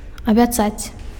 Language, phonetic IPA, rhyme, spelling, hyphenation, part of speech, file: Belarusian, [abʲaˈt͡sat͡sʲ], -at͡sʲ, абяцаць, абя‧цаць, verb, Be-абяцаць.ogg
- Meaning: to promise